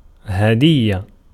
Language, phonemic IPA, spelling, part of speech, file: Arabic, /ha.dij.ja/, هدية, noun, Ar-هدية.ogg
- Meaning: 1. gift, donation 2. offering, sacrifice